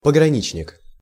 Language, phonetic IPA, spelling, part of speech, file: Russian, [pəɡrɐˈnʲit͡ɕnʲɪk], пограничник, noun, Ru-пограничник.ogg
- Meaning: border guard